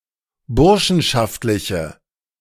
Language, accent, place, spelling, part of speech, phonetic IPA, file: German, Germany, Berlin, burschenschaftliche, adjective, [ˈbʊʁʃn̩ʃaftlɪçə], De-burschenschaftliche.ogg
- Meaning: inflection of burschenschaftlich: 1. strong/mixed nominative/accusative feminine singular 2. strong nominative/accusative plural 3. weak nominative all-gender singular